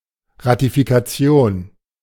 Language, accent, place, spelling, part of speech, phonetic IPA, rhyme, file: German, Germany, Berlin, Ratifikation, noun, [ʁatifikaˈt͡si̯oːn], -oːn, De-Ratifikation.ogg
- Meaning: ratification